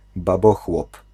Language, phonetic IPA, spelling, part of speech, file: Polish, [baˈbɔxwɔp], babochłop, noun, Pl-babochłop.ogg